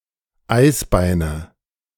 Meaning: nominative/accusative/genitive plural of Eisbein
- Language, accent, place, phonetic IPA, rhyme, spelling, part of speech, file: German, Germany, Berlin, [ˈaɪ̯sˌbaɪ̯nə], -aɪ̯sbaɪ̯nə, Eisbeine, noun, De-Eisbeine2.ogg